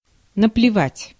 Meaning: 1. to spit 2. to spit (upon), to not give a damn (about)
- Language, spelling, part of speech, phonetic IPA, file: Russian, наплевать, verb, [nəplʲɪˈvatʲ], Ru-наплевать.ogg